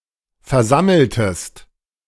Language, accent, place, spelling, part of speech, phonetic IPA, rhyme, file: German, Germany, Berlin, versammeltest, verb, [fɛɐ̯ˈzaml̩təst], -aml̩təst, De-versammeltest.ogg
- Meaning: inflection of versammeln: 1. second-person singular preterite 2. second-person singular subjunctive II